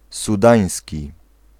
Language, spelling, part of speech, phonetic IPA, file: Polish, sudański, adjective, [suˈdãj̃sʲci], Pl-sudański.ogg